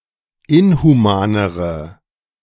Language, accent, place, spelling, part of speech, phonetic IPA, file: German, Germany, Berlin, inhumanere, adjective, [ˈɪnhuˌmaːnəʁə], De-inhumanere.ogg
- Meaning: inflection of inhuman: 1. strong/mixed nominative/accusative feminine singular comparative degree 2. strong nominative/accusative plural comparative degree